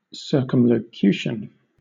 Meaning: A roundabout or indirect way of speaking; thus
- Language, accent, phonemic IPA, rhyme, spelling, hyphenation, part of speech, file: English, Southern England, /ˌsɜːkəmləˈkjuːʃən/, -uːʃən, circumlocution, cir‧cum‧lo‧cu‧tion, noun, LL-Q1860 (eng)-circumlocution.wav